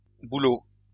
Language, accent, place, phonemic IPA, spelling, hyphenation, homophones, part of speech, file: French, France, Lyon, /bu.lo/, bouleaux, bou‧leaux, bouleau / boulot / boulots, noun, LL-Q150 (fra)-bouleaux.wav
- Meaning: plural of bouleau